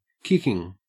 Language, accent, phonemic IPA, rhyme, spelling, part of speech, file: English, Australia, /ˈkɪkɪŋ/, -ɪkɪŋ, kicking, adjective / noun / verb, En-au-kicking.ogg
- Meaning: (adjective) 1. Terrific, great (of clothes) smart, fashionable 2. Alive, active (especially in the phrase alive and kicking) 3. Actively ongoing and enjoyable; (noun) The action of the verb to kick